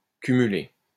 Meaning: 1. to accumulate 2. to multitask (do many things at once)
- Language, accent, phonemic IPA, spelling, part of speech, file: French, France, /ky.my.le/, cumuler, verb, LL-Q150 (fra)-cumuler.wav